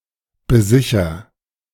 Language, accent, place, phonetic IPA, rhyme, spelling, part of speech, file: German, Germany, Berlin, [bəˈzɪçɐ], -ɪçɐ, besicher, verb, De-besicher.ogg
- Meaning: inflection of besichern: 1. first-person singular present 2. singular imperative